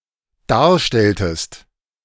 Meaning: inflection of darstellen: 1. second-person singular dependent preterite 2. second-person singular dependent subjunctive II
- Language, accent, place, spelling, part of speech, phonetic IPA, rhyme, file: German, Germany, Berlin, darstelltest, verb, [ˈdaːɐ̯ˌʃtɛltəst], -aːɐ̯ʃtɛltəst, De-darstelltest.ogg